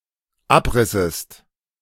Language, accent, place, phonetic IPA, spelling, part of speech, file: German, Germany, Berlin, [ˈapˌʁɪsəst], abrissest, verb, De-abrissest.ogg
- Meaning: second-person singular dependent subjunctive II of abreißen